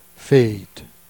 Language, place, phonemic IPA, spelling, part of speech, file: Jèrriais, Jersey, /feit/, fête, noun, Jer-fête.ogg
- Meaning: holiday